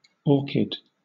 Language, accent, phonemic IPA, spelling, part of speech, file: English, Southern England, /ˈɔː.kɪd/, orchid, noun / adjective, LL-Q1860 (eng)-orchid.wav
- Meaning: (noun) 1. A plant of the orchid family (Orchidaceae), bearing unusually-shaped flowers of beautiful colours 2. A light bluish-red, violet-red or purple colour; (adjective) Having a light purple colour